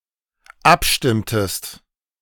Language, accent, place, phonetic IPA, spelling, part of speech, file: German, Germany, Berlin, [ˈapˌʃtɪmtəst], abstimmtest, verb, De-abstimmtest.ogg
- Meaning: inflection of abstimmen: 1. second-person singular dependent preterite 2. second-person singular dependent subjunctive II